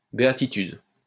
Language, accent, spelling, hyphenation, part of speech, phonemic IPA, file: French, France, béatitude, bé‧a‧ti‧tude, noun, /be.a.ti.tyd/, LL-Q150 (fra)-béatitude.wav
- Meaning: bliss, beatitude